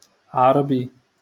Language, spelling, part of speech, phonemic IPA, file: Moroccan Arabic, عربي, adjective / noun, /ʕar.bi/, LL-Q56426 (ary)-عربي.wav
- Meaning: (adjective) Arab; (noun) Arab (person)